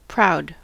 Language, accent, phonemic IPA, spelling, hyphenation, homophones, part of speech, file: English, US, /ˈpɹaʊ̯d/, proud, proud, prowed, adjective, En-us-proud.ogg
- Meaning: Feeling honoured (by something); feeling happy or satisfied about an event or fact; gratified